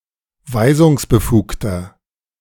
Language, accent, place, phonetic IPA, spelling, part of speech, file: German, Germany, Berlin, [ˈvaɪ̯zʊŋsbəˌfuːktɐ], weisungsbefugter, adjective, De-weisungsbefugter.ogg
- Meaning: inflection of weisungsbefugt: 1. strong/mixed nominative masculine singular 2. strong genitive/dative feminine singular 3. strong genitive plural